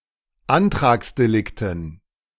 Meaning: dative plural of Antragsdelikt
- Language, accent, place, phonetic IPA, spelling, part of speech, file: German, Germany, Berlin, [ˈantʁaːksdeˌlɪktn̩], Antragsdelikten, noun, De-Antragsdelikten.ogg